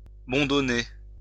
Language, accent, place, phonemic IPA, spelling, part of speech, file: French, France, Lyon, /bɔ̃.dɔ.ne/, bondonner, verb, LL-Q150 (fra)-bondonner.wav
- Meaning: to bung or to plug